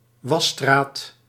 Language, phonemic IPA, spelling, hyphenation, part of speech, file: Dutch, /ˈʋɑ.straːt/, wasstraat, was‧straat, noun, Nl-wasstraat.ogg
- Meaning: carwash